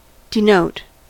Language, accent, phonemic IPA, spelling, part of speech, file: English, US, /dɪˈnoʊt/, denote, verb, En-us-denote.ogg
- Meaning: 1. To indicate; to mark 2. To make overt 3. To refer to literally; to convey as objective meaning